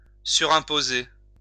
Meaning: to overtax
- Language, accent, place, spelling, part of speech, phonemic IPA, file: French, France, Lyon, surimposer, verb, /sy.ʁɛ̃.po.ze/, LL-Q150 (fra)-surimposer.wav